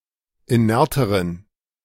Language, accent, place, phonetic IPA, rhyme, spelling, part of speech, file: German, Germany, Berlin, [iˈnɛʁtəʁən], -ɛʁtəʁən, inerteren, adjective, De-inerteren.ogg
- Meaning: inflection of inert: 1. strong genitive masculine/neuter singular comparative degree 2. weak/mixed genitive/dative all-gender singular comparative degree